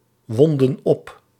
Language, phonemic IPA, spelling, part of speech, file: Dutch, /ˈwɔndə(n) ˈɔp/, wonden op, verb, Nl-wonden op.ogg
- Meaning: inflection of opwinden: 1. plural past indicative 2. plural past subjunctive